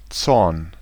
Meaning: anger; wrath
- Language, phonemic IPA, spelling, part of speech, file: German, /tsɔrn/, Zorn, noun, De-Zorn.ogg